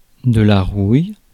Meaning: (adjective) rust (color/colour); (noun) 1. rust (oxidation of iron or, by extension, other metals) 2. rust (fungus disease of plants) 3. rouille (provençal sauce made with chilli and garlic)
- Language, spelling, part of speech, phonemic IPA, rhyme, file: French, rouille, adjective / noun, /ʁuj/, -uj, Fr-rouille.ogg